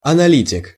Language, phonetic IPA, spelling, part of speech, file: Russian, [ɐnɐˈlʲitʲɪk], аналитик, noun, Ru-аналитик.ogg
- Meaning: 1. analyst 2. pundit, commentator